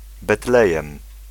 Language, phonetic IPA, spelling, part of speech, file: Polish, [bɛˈtlɛjɛ̃m], Betlejem, proper noun, Pl-Betlejem.ogg